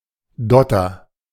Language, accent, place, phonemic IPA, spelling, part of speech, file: German, Germany, Berlin, /ˈdɔtɐ/, Dotter, noun, De-Dotter.ogg
- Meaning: 1. yolk 2. dodder (Cuscuta gen. et spp. and Camelina gen. et spp.)